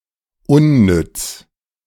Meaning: useless, pointless
- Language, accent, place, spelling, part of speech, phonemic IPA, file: German, Germany, Berlin, unnütz, adjective, /ˈʊnˌnʏt͡s/, De-unnütz.ogg